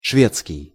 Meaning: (adjective) Swedish; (noun) Swedish (language)
- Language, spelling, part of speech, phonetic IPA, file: Russian, шведский, adjective / noun, [ˈʂvʲet͡skʲɪj], Ru-шведский.ogg